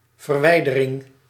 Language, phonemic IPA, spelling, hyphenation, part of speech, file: Dutch, /vərˈʋɛi̯.də.rɪŋ/, verwijdering, ver‧wij‧de‧ring, noun, Nl-verwijdering.ogg
- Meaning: removal